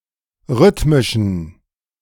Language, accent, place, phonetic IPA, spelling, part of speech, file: German, Germany, Berlin, [ˈʁʏtmɪʃn̩], rhythmischen, adjective, De-rhythmischen.ogg
- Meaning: inflection of rhythmisch: 1. strong genitive masculine/neuter singular 2. weak/mixed genitive/dative all-gender singular 3. strong/weak/mixed accusative masculine singular 4. strong dative plural